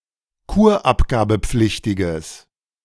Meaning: strong/mixed nominative/accusative neuter singular of kurabgabepflichtig
- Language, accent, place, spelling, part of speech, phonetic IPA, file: German, Germany, Berlin, kurabgabepflichtiges, adjective, [ˈkuːɐ̯ʔapɡaːbəˌp͡flɪçtɪɡəs], De-kurabgabepflichtiges.ogg